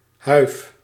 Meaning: 1. cap: chaperon (headgear) 2. cap: cap to blind a falcon used in hunting 3. cap: canvas wrapped around a prairie schooner or other covered wagon 4. hive 5. hive: beehive
- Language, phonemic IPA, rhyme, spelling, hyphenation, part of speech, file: Dutch, /ɦœy̯f/, -œy̯f, huif, huif, noun, Nl-huif.ogg